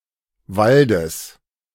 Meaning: genitive singular of Wald
- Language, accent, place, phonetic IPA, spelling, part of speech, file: German, Germany, Berlin, [ˈvaldəs], Waldes, noun, De-Waldes.ogg